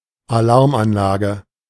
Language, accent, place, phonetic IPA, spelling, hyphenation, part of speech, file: German, Germany, Berlin, [aˈlaʁmʔanˌlaːɡə], Alarmanlage, Alarm‧an‧la‧ge, noun, De-Alarmanlage.ogg
- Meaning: burglar alarm, alarm system